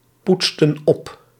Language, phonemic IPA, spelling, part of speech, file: Dutch, /ˈputstə(n) ˈɔp/, poetsten op, verb, Nl-poetsten op.ogg
- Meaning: inflection of oppoetsen: 1. plural past indicative 2. plural past subjunctive